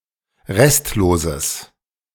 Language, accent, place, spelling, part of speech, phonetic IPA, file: German, Germany, Berlin, restloses, adjective, [ˈʁɛstloːzəs], De-restloses.ogg
- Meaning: strong/mixed nominative/accusative neuter singular of restlos